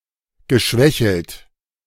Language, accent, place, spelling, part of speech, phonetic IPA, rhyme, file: German, Germany, Berlin, geschwächelt, verb, [ɡəˈʃvɛçl̩t], -ɛçl̩t, De-geschwächelt.ogg
- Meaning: past participle of schwächeln